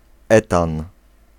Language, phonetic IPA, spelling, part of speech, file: Polish, [ˈɛtãn], etan, noun, Pl-etan.ogg